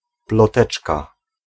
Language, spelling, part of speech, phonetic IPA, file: Polish, ploteczka, noun, [plɔˈtɛt͡ʃka], Pl-ploteczka.ogg